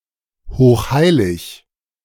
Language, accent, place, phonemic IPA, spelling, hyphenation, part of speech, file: German, Germany, Berlin, /hoːxˈhaɪ̯lɪç/, hochheilig, hoch‧hei‧lig, adjective, De-hochheilig.ogg
- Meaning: very holy, sacrosanct